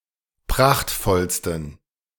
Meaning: 1. superlative degree of prachtvoll 2. inflection of prachtvoll: strong genitive masculine/neuter singular superlative degree
- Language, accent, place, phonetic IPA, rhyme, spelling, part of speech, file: German, Germany, Berlin, [ˈpʁaxtfɔlstn̩], -axtfɔlstn̩, prachtvollsten, adjective, De-prachtvollsten.ogg